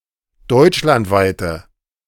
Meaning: inflection of deutschlandweit: 1. strong/mixed nominative/accusative feminine singular 2. strong nominative/accusative plural 3. weak nominative all-gender singular
- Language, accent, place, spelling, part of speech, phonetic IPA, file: German, Germany, Berlin, deutschlandweite, adjective, [ˈdɔɪ̯t͡ʃlantˌvaɪ̯tə], De-deutschlandweite.ogg